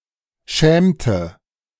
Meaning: inflection of schämen: 1. first/third-person singular preterite 2. first/third-person singular subjunctive II
- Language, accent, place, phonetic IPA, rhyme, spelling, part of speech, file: German, Germany, Berlin, [ˈʃɛːmtə], -ɛːmtə, schämte, verb, De-schämte.ogg